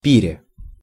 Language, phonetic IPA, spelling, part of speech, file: Russian, [ˈpʲirʲe], пире, noun, Ru-пире.ogg
- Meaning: prepositional singular of пир (pir)